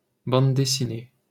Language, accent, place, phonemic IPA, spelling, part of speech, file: French, France, Paris, /bɑ̃d de.si.ne/, bande dessinée, noun, LL-Q150 (fra)-bande dessinée.wav
- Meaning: comic book, graphic novel